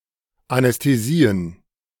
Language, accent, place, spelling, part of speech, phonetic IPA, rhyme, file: German, Germany, Berlin, Anästhesien, noun, [anɛsteˈziːən], -iːən, De-Anästhesien.ogg
- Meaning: plural of Anästhesie